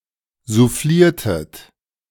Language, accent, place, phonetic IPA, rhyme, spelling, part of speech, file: German, Germany, Berlin, [zuˈfliːɐ̯tət], -iːɐ̯tət, souffliertet, verb, De-souffliertet.ogg
- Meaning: inflection of soufflieren: 1. second-person plural preterite 2. second-person plural subjunctive II